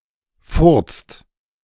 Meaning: inflection of furzen: 1. second-person singular/plural present 2. third-person singular present 3. plural imperative
- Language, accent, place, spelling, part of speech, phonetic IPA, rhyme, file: German, Germany, Berlin, furzt, verb, [fʊʁt͡st], -ʊʁt͡st, De-furzt.ogg